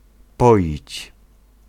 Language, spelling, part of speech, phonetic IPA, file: Polish, poić, verb, [ˈpɔʲit͡ɕ], Pl-poić.ogg